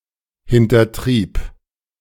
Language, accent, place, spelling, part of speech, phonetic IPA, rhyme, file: German, Germany, Berlin, hintertrieb, verb, [hɪntɐˈtʁiːp], -iːp, De-hintertrieb.ogg
- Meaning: first/third-person singular preterite of hintertreiben